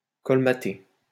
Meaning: 1. to fill in (a low land) 2. to plug (a hole) 3. to fill up
- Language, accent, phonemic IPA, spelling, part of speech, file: French, France, /kɔl.ma.te/, colmater, verb, LL-Q150 (fra)-colmater.wav